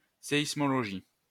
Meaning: seismology
- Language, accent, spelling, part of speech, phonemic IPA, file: French, France, séismologie, noun, /se.is.mɔ.lɔ.ʒi/, LL-Q150 (fra)-séismologie.wav